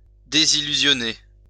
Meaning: to disillusion, disenchant, to burst someone's bubble
- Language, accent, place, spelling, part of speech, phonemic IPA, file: French, France, Lyon, désillusionner, verb, /de.zi.ly.zjɔ.ne/, LL-Q150 (fra)-désillusionner.wav